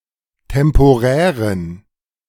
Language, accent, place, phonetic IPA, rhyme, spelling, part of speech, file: German, Germany, Berlin, [tɛmpoˈʁɛːʁən], -ɛːʁən, temporären, adjective, De-temporären.ogg
- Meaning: inflection of temporär: 1. strong genitive masculine/neuter singular 2. weak/mixed genitive/dative all-gender singular 3. strong/weak/mixed accusative masculine singular 4. strong dative plural